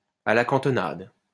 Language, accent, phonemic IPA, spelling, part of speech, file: French, France, /a la kɑ̃.tɔ.nad/, à la cantonade, adverb, LL-Q150 (fra)-à la cantonade.wav
- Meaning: to no one in particular